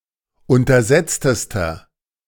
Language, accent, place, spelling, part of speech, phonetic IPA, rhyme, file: German, Germany, Berlin, untersetztester, adjective, [ˌʊntɐˈzɛt͡stəstɐ], -ɛt͡stəstɐ, De-untersetztester.ogg
- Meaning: inflection of untersetzt: 1. strong/mixed nominative masculine singular superlative degree 2. strong genitive/dative feminine singular superlative degree 3. strong genitive plural superlative degree